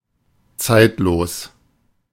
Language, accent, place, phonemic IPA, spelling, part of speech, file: German, Germany, Berlin, /ˈt͡saɪ̯tloːs/, zeitlos, adjective, De-zeitlos.ogg
- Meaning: timeless; atemporal